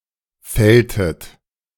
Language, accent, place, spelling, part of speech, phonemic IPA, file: German, Germany, Berlin, fälltet, verb, /ˈfɛltət/, De-fälltet.ogg
- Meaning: inflection of fällen: 1. second-person plural preterite 2. second-person plural subjunctive II